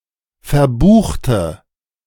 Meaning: inflection of verbuchen: 1. first/third-person singular preterite 2. first/third-person singular subjunctive II
- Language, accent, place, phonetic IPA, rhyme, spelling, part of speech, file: German, Germany, Berlin, [fɛɐ̯ˈbuːxtə], -uːxtə, verbuchte, adjective / verb, De-verbuchte.ogg